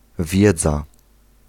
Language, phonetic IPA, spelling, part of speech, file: Polish, [ˈvʲjɛd͡za], wiedza, noun, Pl-wiedza.ogg